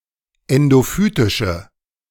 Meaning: inflection of endophytisch: 1. strong/mixed nominative/accusative feminine singular 2. strong nominative/accusative plural 3. weak nominative all-gender singular
- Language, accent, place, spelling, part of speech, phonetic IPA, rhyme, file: German, Germany, Berlin, endophytische, adjective, [ˌɛndoˈfyːtɪʃə], -yːtɪʃə, De-endophytische.ogg